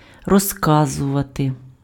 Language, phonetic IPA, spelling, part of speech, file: Ukrainian, [rɔzˈkazʊʋɐte], розказувати, verb, Uk-розказувати.ogg
- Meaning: to tell, to narrate, to recount, to relate